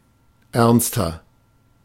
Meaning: 1. comparative degree of ernst 2. inflection of ernst: strong/mixed nominative masculine singular 3. inflection of ernst: strong genitive/dative feminine singular
- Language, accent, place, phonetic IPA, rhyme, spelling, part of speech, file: German, Germany, Berlin, [ˈɛʁnstɐ], -ɛʁnstɐ, ernster, adjective, De-ernster.ogg